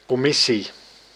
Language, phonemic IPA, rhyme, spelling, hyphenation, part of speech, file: Dutch, /ˌkɔˈmɪ.si/, -ɪsi, commissie, com‧mis‧sie, noun, Nl-commissie.ogg
- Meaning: commission